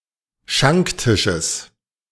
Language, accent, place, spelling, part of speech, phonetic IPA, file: German, Germany, Berlin, Schanktisches, noun, [ˈʃaŋkˌtɪʃəs], De-Schanktisches.ogg
- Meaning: genitive singular of Schanktisch